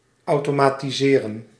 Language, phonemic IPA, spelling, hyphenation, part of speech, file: Dutch, /ˌɑu̯.toː.maː.tiˈzeː.rə(n)/, automatiseren, au‧to‧ma‧ti‧se‧ren, verb, Nl-automatiseren.ogg
- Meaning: to automate